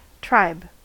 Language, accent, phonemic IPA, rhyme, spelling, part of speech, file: English, US, /tɹaɪb/, -aɪb, tribe, noun / verb, En-us-tribe.ogg